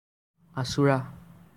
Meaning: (adjective) 1. scratched 2. combed; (verb) 1. cause to scratch 2. cause to comb
- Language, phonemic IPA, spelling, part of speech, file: Assamese, /ãsʊ.ɹɑ/, আঁচোৰা, adjective / verb, As-আঁচোৰা.ogg